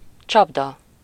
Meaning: trap (a machine or other device designed to catch and sometimes kill animals, either by holding them in a container, or by catching hold of part of the body)
- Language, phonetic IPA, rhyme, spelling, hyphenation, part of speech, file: Hungarian, [ˈt͡ʃɒbdɒ], -dɒ, csapda, csap‧da, noun, Hu-csapda.ogg